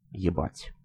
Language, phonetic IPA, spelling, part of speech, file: Russian, [(j)ɪˈbatʲ], ебать, verb / interjection / adverb, Ru-Yebat.ogg
- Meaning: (verb) 1. to fuck 2. to get on someone's nerves, to be a pain in the arse/ass, to annoy, to blow someone's mind, to mindfuck 3. to concern, to bother, to be of interest